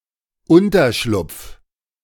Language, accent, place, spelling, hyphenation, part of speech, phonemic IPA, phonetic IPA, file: German, Germany, Berlin, Unterschlupf, Un‧ter‧schlupf, noun, /ˈʊntərʃlʊp͡f/, [ˈʊntɐʃlʊp͡f], De-Unterschlupf.ogg
- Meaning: 1. shelter, hiding place, bolthole 2. safehouse